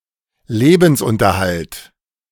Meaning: livelihood
- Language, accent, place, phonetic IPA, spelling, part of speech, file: German, Germany, Berlin, [ˈleːbn̩sˌʔʊntɐhalt], Lebensunterhalt, noun, De-Lebensunterhalt.ogg